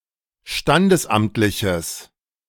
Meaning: strong/mixed nominative/accusative neuter singular of standesamtlich
- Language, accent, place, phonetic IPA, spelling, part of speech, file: German, Germany, Berlin, [ˈʃtandəsˌʔamtlɪçəs], standesamtliches, adjective, De-standesamtliches.ogg